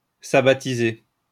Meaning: to observe the Sabbath
- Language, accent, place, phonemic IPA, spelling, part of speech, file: French, France, Lyon, /sa.ba.ti.ze/, sabbatiser, verb, LL-Q150 (fra)-sabbatiser.wav